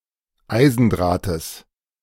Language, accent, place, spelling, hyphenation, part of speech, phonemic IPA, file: German, Germany, Berlin, Eisendrahtes, Ei‧sen‧drah‧tes, noun, /ˈaɪ̯zn̩ˌdʁaːtəs/, De-Eisendrahtes.ogg
- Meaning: genitive singular of Eisendraht